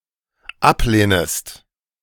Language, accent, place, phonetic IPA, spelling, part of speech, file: German, Germany, Berlin, [ˈapˌleːnəst], ablehnest, verb, De-ablehnest.ogg
- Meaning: second-person singular dependent subjunctive I of ablehnen